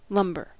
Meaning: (noun) 1. Wood sawn into planks or otherwise prepared for sale or use, especially as a building material 2. Old furniture or other items that take up room, or are stored away
- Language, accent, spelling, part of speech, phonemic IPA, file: English, US, lumber, noun / verb, /ˈlʌm.bɚ/, En-us-lumber.ogg